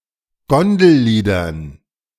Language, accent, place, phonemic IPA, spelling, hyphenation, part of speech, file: German, Germany, Berlin, /ˈɡɔndl̩ˌliːdɐn/, Gondelliedern, Gon‧del‧lie‧dern, noun, De-Gondelliedern.ogg
- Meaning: dative plural of Gondellied